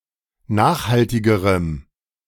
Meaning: strong dative masculine/neuter singular comparative degree of nachhaltig
- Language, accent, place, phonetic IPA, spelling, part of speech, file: German, Germany, Berlin, [ˈnaːxhaltɪɡəʁəm], nachhaltigerem, adjective, De-nachhaltigerem.ogg